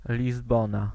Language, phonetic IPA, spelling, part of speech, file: Polish, [lʲizˈbɔ̃na], Lizbona, proper noun, Pl-Lizbona.ogg